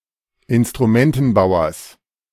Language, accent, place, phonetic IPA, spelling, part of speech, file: German, Germany, Berlin, [ɪnstʁuˈmɛntn̩ˌbaʊ̯ɐs], Instrumentenbauers, noun, De-Instrumentenbauers.ogg
- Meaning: genitive singular of Instrumentenbauer